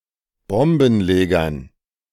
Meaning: dative plural of Bombenleger
- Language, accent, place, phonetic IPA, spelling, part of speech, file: German, Germany, Berlin, [ˈbɔmbn̩ˌleːɡɐn], Bombenlegern, noun, De-Bombenlegern.ogg